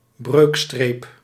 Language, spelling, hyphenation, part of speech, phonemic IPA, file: Dutch, breukstreep, breuk‧streep, noun, /ˈbrøːk.streːp/, Nl-breukstreep.ogg
- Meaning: fraction slash, fraction bar